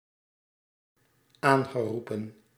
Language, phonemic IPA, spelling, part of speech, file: Dutch, /ˈaŋɣəˌrupə(n)/, aangeroepen, verb, Nl-aangeroepen.ogg
- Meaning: past participle of aanroepen